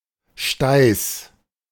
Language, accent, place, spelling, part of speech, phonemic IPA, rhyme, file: German, Germany, Berlin, Steiß, noun, /ˈʃtaɪ̯s/, -aɪ̯s, De-Steiß.ogg
- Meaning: backside